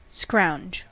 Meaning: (verb) 1. To hunt about, especially for something of nominal value; to scavenge or glean 2. To obtain something of moderate or inconsequential value from another
- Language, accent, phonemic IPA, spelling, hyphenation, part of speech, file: English, US, /ˈskɹaʊ̯nd͡ʒ/, scrounge, scrounge, verb / noun, En-us-scrounge.ogg